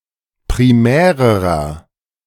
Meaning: inflection of primär: 1. strong/mixed nominative masculine singular comparative degree 2. strong genitive/dative feminine singular comparative degree 3. strong genitive plural comparative degree
- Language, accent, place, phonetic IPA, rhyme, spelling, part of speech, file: German, Germany, Berlin, [pʁiˈmɛːʁəʁɐ], -ɛːʁəʁɐ, primärerer, adjective, De-primärerer.ogg